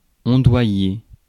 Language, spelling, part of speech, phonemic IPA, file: French, ondoyer, verb, /ɔ̃.dwa.je/, Fr-ondoyer.ogg
- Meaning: to sway, undulate